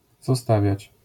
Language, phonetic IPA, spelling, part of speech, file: Polish, [zɔˈstavʲjät͡ɕ], zostawiać, verb, LL-Q809 (pol)-zostawiać.wav